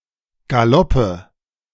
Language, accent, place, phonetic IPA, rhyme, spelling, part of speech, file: German, Germany, Berlin, [ɡaˈlɔpə], -ɔpə, Galoppe, noun, De-Galoppe.ogg
- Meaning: nominative/accusative/genitive plural of Galopp